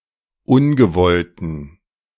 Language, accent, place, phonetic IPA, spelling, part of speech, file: German, Germany, Berlin, [ˈʊnɡəˌvɔltn̩], ungewollten, adjective, De-ungewollten.ogg
- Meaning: inflection of ungewollt: 1. strong genitive masculine/neuter singular 2. weak/mixed genitive/dative all-gender singular 3. strong/weak/mixed accusative masculine singular 4. strong dative plural